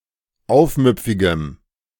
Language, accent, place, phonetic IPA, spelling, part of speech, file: German, Germany, Berlin, [ˈaʊ̯fˌmʏp͡fɪɡəm], aufmüpfigem, adjective, De-aufmüpfigem.ogg
- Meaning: strong dative masculine/neuter singular of aufmüpfig